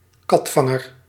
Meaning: nominal owner of a vehicle, organisation or bank account, who was put there in order to hide the identity of the real owner from criminal prosecution; dummy, man of straw, front
- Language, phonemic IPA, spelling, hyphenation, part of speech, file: Dutch, /ˈkɑtˌfɑ.ŋər/, katvanger, kat‧van‧ger, noun, Nl-katvanger.ogg